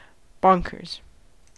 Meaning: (adjective) Mad; crazy; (noun) plural of bonker
- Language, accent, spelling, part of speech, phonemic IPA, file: English, US, bonkers, adjective / noun, /ˈbɑŋkɚz/, En-us-bonkers.ogg